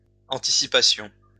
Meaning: plural of anticipation
- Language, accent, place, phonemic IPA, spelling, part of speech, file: French, France, Lyon, /ɑ̃.ti.si.pa.sjɔ̃/, anticipations, noun, LL-Q150 (fra)-anticipations.wav